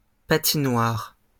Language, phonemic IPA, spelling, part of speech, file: French, /pa.ti.nwaʁ/, patinoire, noun, LL-Q150 (fra)-patinoire.wav
- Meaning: ice rink, skating rink